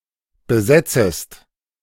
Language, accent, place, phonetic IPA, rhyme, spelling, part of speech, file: German, Germany, Berlin, [bəˈzɛt͡səst], -ɛt͡səst, besetzest, verb, De-besetzest.ogg
- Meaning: second-person singular subjunctive I of besetzen